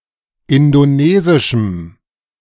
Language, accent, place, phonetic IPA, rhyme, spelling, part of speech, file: German, Germany, Berlin, [ˌɪndoˈneːzɪʃm̩], -eːzɪʃm̩, indonesischem, adjective, De-indonesischem.ogg
- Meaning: strong dative masculine/neuter singular of indonesisch